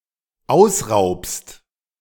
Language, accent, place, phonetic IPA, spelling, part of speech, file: German, Germany, Berlin, [ˈaʊ̯sˌʁaʊ̯pst], ausraubst, verb, De-ausraubst.ogg
- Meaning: second-person singular dependent present of ausrauben